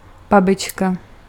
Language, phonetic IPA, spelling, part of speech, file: Czech, [ˈbabɪt͡ʃka], babička, noun, Cs-babička.ogg
- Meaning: 1. grandmother 2. old woman